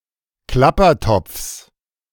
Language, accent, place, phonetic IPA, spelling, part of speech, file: German, Germany, Berlin, [ˈklapɐˌtɔp͡fs], Klappertopfs, noun, De-Klappertopfs.ogg
- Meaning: genitive of Klappertopf